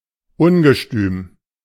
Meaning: impetuous
- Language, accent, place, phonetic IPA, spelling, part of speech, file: German, Germany, Berlin, [ˈʊnɡəˌʃtyːm], ungestüm, adjective, De-ungestüm.ogg